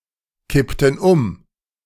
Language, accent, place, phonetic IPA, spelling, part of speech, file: German, Germany, Berlin, [ˌkɪptn̩ ˈʊm], kippten um, verb, De-kippten um.ogg
- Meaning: inflection of umkippen: 1. first/third-person plural preterite 2. first/third-person plural subjunctive II